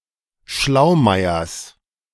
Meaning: genitive of Schlaumeier
- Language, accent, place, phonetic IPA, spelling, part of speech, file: German, Germany, Berlin, [ˈʃlaʊ̯ˌmaɪ̯ɐs], Schlaumeiers, noun, De-Schlaumeiers.ogg